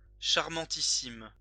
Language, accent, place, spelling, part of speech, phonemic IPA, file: French, France, Lyon, charmantissime, adjective, /ʃaʁ.mɑ̃.ti.sim/, LL-Q150 (fra)-charmantissime.wav
- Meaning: super-charming